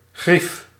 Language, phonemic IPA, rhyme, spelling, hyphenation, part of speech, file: Dutch, /ɣrif/, -if, grief, grief, noun, Nl-grief.ogg
- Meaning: grievance, complaint, bone to pick, issue